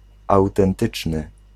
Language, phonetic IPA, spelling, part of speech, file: Polish, [ˌawtɛ̃nˈtɨt͡ʃnɨ], autentyczny, adjective, Pl-autentyczny.ogg